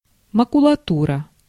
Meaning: wastepaper (unwanted paper that has been discarded)
- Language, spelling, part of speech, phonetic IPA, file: Russian, макулатура, noun, [məkʊɫɐˈturə], Ru-макулатура.ogg